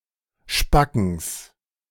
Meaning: genitive singular of Spacken
- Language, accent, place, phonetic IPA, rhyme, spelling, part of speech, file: German, Germany, Berlin, [ˈʃpakn̩s], -akn̩s, Spackens, noun, De-Spackens.ogg